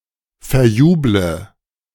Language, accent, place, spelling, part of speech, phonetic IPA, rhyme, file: German, Germany, Berlin, verjuble, verb, [fɛɐ̯ˈjuːblə], -uːblə, De-verjuble.ogg
- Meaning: inflection of verjubeln: 1. first-person singular present 2. first/third-person singular subjunctive I 3. singular imperative